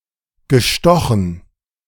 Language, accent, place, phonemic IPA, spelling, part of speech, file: German, Germany, Berlin, /ɡəˈʃtɔxn̩/, gestochen, verb, De-gestochen.ogg
- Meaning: past participle of stechen